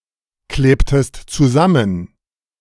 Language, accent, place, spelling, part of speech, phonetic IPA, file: German, Germany, Berlin, klebtest zusammen, verb, [ˌkleːptəst t͡suˈzamən], De-klebtest zusammen.ogg
- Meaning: inflection of zusammenkleben: 1. second-person singular preterite 2. second-person singular subjunctive II